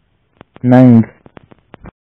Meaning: honour, honor
- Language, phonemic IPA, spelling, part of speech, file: Pashto, /nəŋɡ/, ننګ, noun, Ps-ننګ.oga